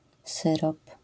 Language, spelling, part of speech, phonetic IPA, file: Polish, syrop, noun, [ˈsɨrɔp], LL-Q809 (pol)-syrop.wav